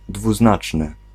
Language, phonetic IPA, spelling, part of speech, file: Polish, [dvuˈznat͡ʃnɨ], dwuznaczny, adjective, Pl-dwuznaczny.ogg